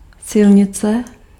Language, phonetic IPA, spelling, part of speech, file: Czech, [ˈsɪlɲɪt͡sɛ], silnice, noun, Cs-silnice.ogg
- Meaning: road